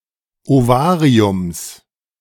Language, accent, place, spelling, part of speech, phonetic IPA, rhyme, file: German, Germany, Berlin, Ovariums, noun, [oˈvaːʁiʊms], -aːʁiʊms, De-Ovariums.ogg
- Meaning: genitive singular of Ovarium